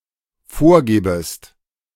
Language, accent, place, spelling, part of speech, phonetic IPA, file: German, Germany, Berlin, vorgebest, verb, [ˈfoːɐ̯ˌɡeːbəst], De-vorgebest.ogg
- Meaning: second-person singular dependent subjunctive I of vorgeben